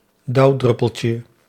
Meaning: diminutive of dauwdruppel
- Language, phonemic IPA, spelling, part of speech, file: Dutch, /ˈdɑudrʏpəlcə/, dauwdruppeltje, noun, Nl-dauwdruppeltje.ogg